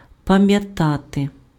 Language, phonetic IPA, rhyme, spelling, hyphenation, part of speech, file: Ukrainian, [pɐmjɐˈtate], -ate, пам'ятати, па‧м'я‧та‧ти, verb, Uk-пам'ятати.ogg
- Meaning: to remember